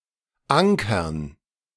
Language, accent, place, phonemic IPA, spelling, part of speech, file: German, Germany, Berlin, /ˈʔaŋkɐn/, Ankern, noun, De-Ankern.ogg
- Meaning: 1. gerund of ankern 2. dative plural of Anker